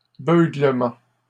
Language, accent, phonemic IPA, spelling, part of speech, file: French, Canada, /bø.ɡlə.mɑ̃/, beuglement, noun, LL-Q150 (fra)-beuglement.wav
- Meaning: a moo